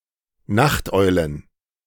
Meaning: plural of Nachteule
- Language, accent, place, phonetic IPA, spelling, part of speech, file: German, Germany, Berlin, [ˈnaxtˌʔɔɪ̯lən], Nachteulen, noun, De-Nachteulen.ogg